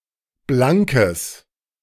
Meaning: strong/mixed nominative/accusative neuter singular of blank
- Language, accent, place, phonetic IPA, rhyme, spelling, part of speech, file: German, Germany, Berlin, [ˈblaŋkəs], -aŋkəs, blankes, adjective, De-blankes.ogg